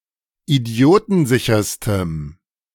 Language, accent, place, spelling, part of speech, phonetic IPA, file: German, Germany, Berlin, idiotensicherstem, adjective, [iˈdi̯oːtn̩ˌzɪçɐstəm], De-idiotensicherstem.ogg
- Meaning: strong dative masculine/neuter singular superlative degree of idiotensicher